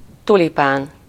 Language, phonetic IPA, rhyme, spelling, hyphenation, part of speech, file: Hungarian, [ˈtulipaːn], -aːn, tulipán, tu‧li‧pán, noun, Hu-tulipán.ogg
- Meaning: tulip